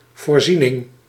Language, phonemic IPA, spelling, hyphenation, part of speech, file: Dutch, /ˌvoːrˈzi.nəx/, voorzienig, voor‧zie‧nig, adjective, Nl-voorzienig.ogg
- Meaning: 1. provident (capable of foresight, of foreseeing the future) 2. provident, presaging (farsighted, taking the future in consideration)